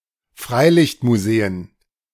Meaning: plural of Freilichtmuseum
- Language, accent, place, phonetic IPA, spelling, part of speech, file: German, Germany, Berlin, [ˈfʁaɪ̯lɪçtmuˌzeːən], Freilichtmuseen, noun, De-Freilichtmuseen.ogg